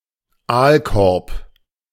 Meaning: eel basket, eelpot
- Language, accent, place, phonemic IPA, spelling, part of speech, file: German, Germany, Berlin, /ˈaːlˌkɔʁp/, Aalkorb, noun, De-Aalkorb.ogg